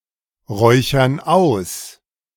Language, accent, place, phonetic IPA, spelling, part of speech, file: German, Germany, Berlin, [ˌʁɔɪ̯çɐn ˈaʊ̯s], räuchern aus, verb, De-räuchern aus.ogg
- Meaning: inflection of ausräuchern: 1. first/third-person plural present 2. first/third-person plural subjunctive I